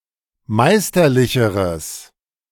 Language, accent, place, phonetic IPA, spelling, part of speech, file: German, Germany, Berlin, [ˈmaɪ̯stɐˌlɪçəʁəs], meisterlicheres, adjective, De-meisterlicheres.ogg
- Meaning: strong/mixed nominative/accusative neuter singular comparative degree of meisterlich